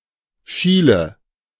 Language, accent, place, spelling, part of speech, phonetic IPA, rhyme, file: German, Germany, Berlin, schiele, verb, [ˈʃiːlə], -iːlə, De-schiele.ogg
- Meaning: inflection of schielen: 1. first-person singular present 2. first/third-person singular subjunctive I 3. singular imperative